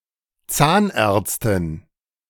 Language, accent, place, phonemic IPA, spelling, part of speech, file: German, Germany, Berlin, /ˈtsaːnˌɛʁtstɪn/, Zahnärztin, noun, De-Zahnärztin.ogg
- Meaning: female dentist